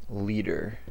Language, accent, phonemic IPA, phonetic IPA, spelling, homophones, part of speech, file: English, US, /ˈli.dɚ/, [ˈli.ɾɚ], leader, liter / litre / lieder, noun, En-us-leader.ogg
- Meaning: 1. Any person who leads or directs 2. Any person who leads or directs.: One who goes first 3. Any person who leads or directs.: One having authority to direct